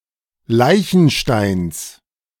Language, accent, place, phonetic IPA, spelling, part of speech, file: German, Germany, Berlin, [ˈlaɪ̯çn̩ʃtaɪ̯ns], Leichensteins, noun, De-Leichensteins.ogg
- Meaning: genitive of Leichenstein